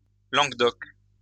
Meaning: Occitan (an endangered Romance language spoken in Occitania, a region of Europe that includes Southern France, Auvergne, Limousin, and some parts of Catalonia and Italy)
- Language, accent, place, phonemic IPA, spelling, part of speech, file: French, France, Lyon, /lɑ̃ɡ d‿ɔk/, langue d'oc, noun, LL-Q150 (fra)-langue d'oc.wav